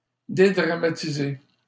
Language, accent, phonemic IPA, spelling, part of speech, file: French, Canada, /de.dʁa.ma.ti.ze/, dédramatiser, verb, LL-Q150 (fra)-dédramatiser.wav
- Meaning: 1. to play down 2. to make less dramatic or daunting